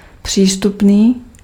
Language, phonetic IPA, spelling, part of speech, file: Czech, [ˈpr̝̊iːstupniː], přístupný, adjective, Cs-přístupný.ogg
- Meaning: 1. approachable, accessible (of person) 2. accessible (of terrain)